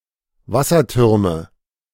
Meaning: nominative/accusative/genitive plural of Wasserturm
- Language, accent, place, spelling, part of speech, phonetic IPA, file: German, Germany, Berlin, Wassertürme, noun, [ˈvasɐˌtʏʁmə], De-Wassertürme.ogg